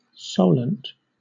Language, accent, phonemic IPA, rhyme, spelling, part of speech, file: English, Southern England, /ˈsəʊlənt/, -əʊlənt, Solent, proper noun, LL-Q1860 (eng)-Solent.wav
- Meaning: A strait separating Hampshire from the Isle of Wight in southern England